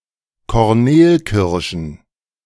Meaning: plural of Kornelkirsche
- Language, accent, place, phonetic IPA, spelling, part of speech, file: German, Germany, Berlin, [kɔʁˈneːlˌkɪʁʃn̩], Kornelkirschen, noun, De-Kornelkirschen.ogg